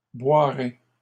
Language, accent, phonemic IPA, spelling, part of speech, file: French, Canada, /bwa.ʁe/, boirez, verb, LL-Q150 (fra)-boirez.wav
- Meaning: second-person plural future of boire